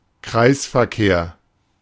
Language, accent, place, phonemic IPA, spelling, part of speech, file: German, Germany, Berlin, /kʁaɪ̯sfɛɐ̯ˌkeːɐ̯/, Kreisverkehr, noun, De-Kreisverkehr.ogg
- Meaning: traffic circle, roundabout